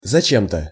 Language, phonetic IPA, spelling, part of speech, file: Russian, [zɐˈt͡ɕem‿tə], зачем-то, adverb, Ru-зачем-то.ogg
- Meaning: for some (unknown) reason